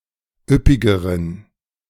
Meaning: inflection of üppig: 1. strong genitive masculine/neuter singular comparative degree 2. weak/mixed genitive/dative all-gender singular comparative degree
- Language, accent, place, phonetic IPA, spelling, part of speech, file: German, Germany, Berlin, [ˈʏpɪɡəʁən], üppigeren, adjective, De-üppigeren.ogg